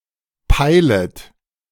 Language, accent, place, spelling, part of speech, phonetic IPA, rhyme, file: German, Germany, Berlin, peilet, verb, [ˈpaɪ̯lət], -aɪ̯lət, De-peilet.ogg
- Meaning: second-person plural subjunctive I of peilen